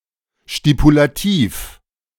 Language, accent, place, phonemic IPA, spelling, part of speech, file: German, Germany, Berlin, /ʃtipulaˈtiːf/, stipulativ, adjective, De-stipulativ.ogg
- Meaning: stipulative